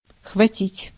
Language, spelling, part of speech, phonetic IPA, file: Russian, хватить, verb, [xvɐˈtʲitʲ], Ru-хватить.ogg
- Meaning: 1. to snatch and devour (of animals) 2. to gulp down (liquid) 3. to get drunk 4. to finagle 5. to endure (something unpleasant) 6. to go too far in, to get carried away in (statements or plans)